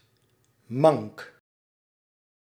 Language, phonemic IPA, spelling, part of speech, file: Dutch, /mɑŋk/, mank, adjective / verb, Nl-mank.ogg
- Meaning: lame